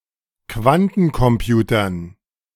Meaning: dative plural of Quantencomputer
- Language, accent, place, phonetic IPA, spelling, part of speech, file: German, Germany, Berlin, [ˈkvantn̩kɔmˌpjuːtɐn], Quantencomputern, noun, De-Quantencomputern.ogg